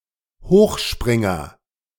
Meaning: high jumper
- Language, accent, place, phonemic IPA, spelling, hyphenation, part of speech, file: German, Germany, Berlin, /ˈhoːxˌʃpʁɪŋɐ/, Hochspringer, Hoch‧sprin‧ger, noun, De-Hochspringer.ogg